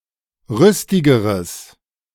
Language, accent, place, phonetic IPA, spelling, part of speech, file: German, Germany, Berlin, [ˈʁʏstɪɡəʁəs], rüstigeres, adjective, De-rüstigeres.ogg
- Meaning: strong/mixed nominative/accusative neuter singular comparative degree of rüstig